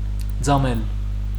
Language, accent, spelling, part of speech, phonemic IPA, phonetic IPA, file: Armenian, Western Armenian, ծամել, verb, /d͡zɑˈmel/, [d͡zɑmél], HyW-ծամել.ogg
- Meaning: 1. to chew 2. to crumble 3. to repeat something with tiresome monotony